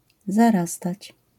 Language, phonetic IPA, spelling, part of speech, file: Polish, [zaˈrastat͡ɕ], zarastać, verb, LL-Q809 (pol)-zarastać.wav